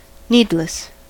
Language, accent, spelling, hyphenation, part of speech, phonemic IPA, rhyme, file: English, US, needless, need‧less, adjective / adverb, /ˈniːdləs/, -iːdləs, En-us-needless.ogg
- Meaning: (adjective) Not needed; unnecessary; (adverb) Needlessly, without cause